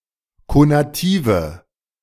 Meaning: inflection of konativ: 1. strong/mixed nominative/accusative feminine singular 2. strong nominative/accusative plural 3. weak nominative all-gender singular 4. weak accusative feminine/neuter singular
- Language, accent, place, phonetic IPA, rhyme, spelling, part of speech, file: German, Germany, Berlin, [konaˈtiːvə], -iːvə, konative, adjective, De-konative.ogg